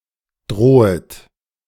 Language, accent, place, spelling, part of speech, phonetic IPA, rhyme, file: German, Germany, Berlin, drohet, verb, [ˈdʁoːət], -oːət, De-drohet.ogg
- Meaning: second-person plural subjunctive I of drohen